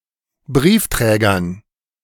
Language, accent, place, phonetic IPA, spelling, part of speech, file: German, Germany, Berlin, [ˈbʁiːfˌtʁɛːɡɐn], Briefträgern, noun, De-Briefträgern.ogg
- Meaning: dative plural of Briefträger